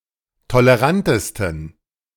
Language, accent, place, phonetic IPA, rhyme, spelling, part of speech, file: German, Germany, Berlin, [toləˈʁantəstn̩], -antəstn̩, tolerantesten, adjective, De-tolerantesten.ogg
- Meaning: 1. superlative degree of tolerant 2. inflection of tolerant: strong genitive masculine/neuter singular superlative degree